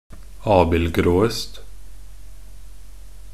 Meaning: predicative superlative degree of abildgrå
- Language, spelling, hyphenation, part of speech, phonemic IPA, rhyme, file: Norwegian Bokmål, abildgråest, ab‧ild‧grå‧est, adjective, /ˈɑːbɪlɡroːəst/, -əst, Nb-abildgråest.ogg